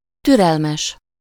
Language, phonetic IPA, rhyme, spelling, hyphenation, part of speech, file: Hungarian, [ˈtyrɛlmɛʃ], -ɛʃ, türelmes, tü‧rel‧mes, adjective, Hu-türelmes.ogg
- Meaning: patient, tolerant